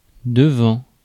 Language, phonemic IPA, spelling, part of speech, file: French, /də.vɑ̃/, devant, preposition / adverb / noun / verb, Fr-devant.ogg
- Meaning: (preposition) 1. confronted with, faced with 2. in front of, before 3. outside; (adverb) in front, at the front; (noun) front; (verb) present participle of devoir